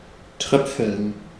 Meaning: 1. to drip, to fall or trickle down in small drops 2. to sprinkle, to rain a few little drops
- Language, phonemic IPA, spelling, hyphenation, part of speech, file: German, /ˈtʁœpfl̩n/, tröpfeln, tröp‧feln, verb, De-tröpfeln.ogg